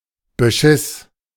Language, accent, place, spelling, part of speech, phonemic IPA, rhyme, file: German, Germany, Berlin, Beschiss, noun, /bəˈʃɪs/, -ɪs, De-Beschiss.ogg
- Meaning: deceit